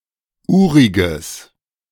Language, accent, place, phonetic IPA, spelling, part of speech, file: German, Germany, Berlin, [ˈuːʁɪɡəs], uriges, adjective, De-uriges.ogg
- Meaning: strong/mixed nominative/accusative neuter singular of urig